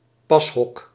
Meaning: a fitting room
- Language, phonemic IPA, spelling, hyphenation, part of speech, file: Dutch, /ˈpɑs.ɦɔk/, pashok, pas‧hok, noun, Nl-pashok.ogg